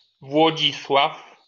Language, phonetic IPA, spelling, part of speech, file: Polish, [vwɔˈd͡ʑiswaf], Włodzisław, proper noun, LL-Q809 (pol)-Włodzisław.wav